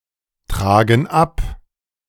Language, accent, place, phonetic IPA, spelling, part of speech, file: German, Germany, Berlin, [ˌtʁaːɡn̩ ˈap], tragen ab, verb, De-tragen ab.ogg
- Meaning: inflection of abtragen: 1. first/third-person plural present 2. first/third-person plural subjunctive I